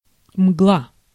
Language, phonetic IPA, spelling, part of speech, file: Russian, [mɡɫa], мгла, noun, Ru-мгла.ogg
- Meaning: 1. darkness 2. mist, haze